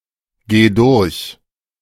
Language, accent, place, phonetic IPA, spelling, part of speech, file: German, Germany, Berlin, [ˌɡeː ˈdʊʁç], geh durch, verb, De-geh durch.ogg
- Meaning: singular imperative of durchgehen